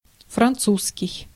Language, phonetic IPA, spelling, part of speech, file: Russian, [frɐnˈt͡suskʲɪj], французский, adjective / noun, Ru-французский.ogg
- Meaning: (adjective) French; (noun) French language